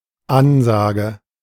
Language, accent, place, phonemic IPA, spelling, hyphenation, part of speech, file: German, Germany, Berlin, /ˈanzaːɡə/, Ansage, An‧sa‧ge, noun, De-Ansage.ogg
- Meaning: announcement